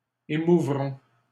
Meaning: third-person plural future of émouvoir
- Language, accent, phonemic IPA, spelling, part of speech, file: French, Canada, /e.mu.vʁɔ̃/, émouvront, verb, LL-Q150 (fra)-émouvront.wav